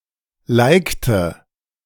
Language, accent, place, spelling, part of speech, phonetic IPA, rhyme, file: German, Germany, Berlin, likte, verb, [ˈlaɪ̯ktə], -aɪ̯ktə, De-likte.ogg
- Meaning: inflection of liken: 1. first/third-person singular preterite 2. first/third-person singular subjunctive II